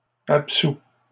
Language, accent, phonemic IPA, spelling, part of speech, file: French, Canada, /ap.su/, absous, adjective / verb, LL-Q150 (fra)-absous.wav
- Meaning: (adjective) absolved; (verb) 1. past participle of absoudre 2. first/second-person singular present indicative of absoudre